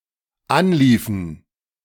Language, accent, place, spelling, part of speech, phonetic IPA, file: German, Germany, Berlin, anliefen, verb, [ˈanˌliːfn̩], De-anliefen.ogg
- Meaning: inflection of anlaufen: 1. first/third-person plural dependent preterite 2. first/third-person plural dependent subjunctive II